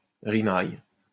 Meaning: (noun) doggerel (bad verse); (verb) inflection of rimailler: 1. first/third-person singular present indicative/subjunctive 2. second-person singular imperative
- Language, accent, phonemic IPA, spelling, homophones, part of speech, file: French, France, /ʁi.maj/, rimaille, rimaillent / rimailles, noun / verb, LL-Q150 (fra)-rimaille.wav